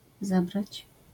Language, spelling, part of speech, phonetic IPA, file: Polish, zabrać, verb, [ˈzabrat͡ɕ], LL-Q809 (pol)-zabrać.wav